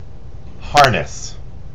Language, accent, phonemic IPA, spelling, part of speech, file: English, US, /ˈhɑɹ.nəs/, harness, noun / verb, En-us-harness.ogg
- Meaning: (noun) A restraint or support, especially one consisting of a loop or network of rope or straps, and especially one worn by a working animal such as a horse pulling a carriage or farm implement